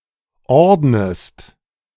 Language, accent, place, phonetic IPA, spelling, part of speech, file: German, Germany, Berlin, [ˈɔʁdnəst], ordnest, verb, De-ordnest.ogg
- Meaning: inflection of ordnen: 1. second-person singular present 2. second-person singular subjunctive I